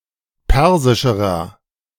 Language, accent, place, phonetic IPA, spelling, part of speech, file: German, Germany, Berlin, [ˈpɛʁzɪʃəʁɐ], persischerer, adjective, De-persischerer.ogg
- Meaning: inflection of persisch: 1. strong/mixed nominative masculine singular comparative degree 2. strong genitive/dative feminine singular comparative degree 3. strong genitive plural comparative degree